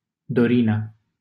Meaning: a female given name
- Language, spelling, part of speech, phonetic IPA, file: Romanian, Dorina, proper noun, [doˈri.na], LL-Q7913 (ron)-Dorina.wav